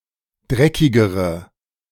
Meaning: inflection of dreckig: 1. strong/mixed nominative/accusative feminine singular comparative degree 2. strong nominative/accusative plural comparative degree
- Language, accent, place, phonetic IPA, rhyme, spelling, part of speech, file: German, Germany, Berlin, [ˈdʁɛkɪɡəʁə], -ɛkɪɡəʁə, dreckigere, adjective, De-dreckigere.ogg